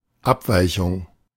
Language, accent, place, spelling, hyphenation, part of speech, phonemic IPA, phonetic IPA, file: German, Germany, Berlin, Abweichung, Ab‧wei‧chung, noun, /ˈapˌvaɪ̯çʊŋ/, [ˈʔapˌvaɪ̯çʊŋ], De-Abweichung.ogg
- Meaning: aberration, deviation